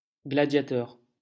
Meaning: gladiator
- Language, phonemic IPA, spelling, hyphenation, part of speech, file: French, /ɡla.dja.tœʁ/, gladiateur, gla‧dia‧teur, noun, LL-Q150 (fra)-gladiateur.wav